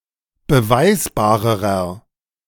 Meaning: inflection of beweisbar: 1. strong/mixed nominative masculine singular comparative degree 2. strong genitive/dative feminine singular comparative degree 3. strong genitive plural comparative degree
- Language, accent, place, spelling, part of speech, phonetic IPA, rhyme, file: German, Germany, Berlin, beweisbarerer, adjective, [bəˈvaɪ̯sbaːʁəʁɐ], -aɪ̯sbaːʁəʁɐ, De-beweisbarerer.ogg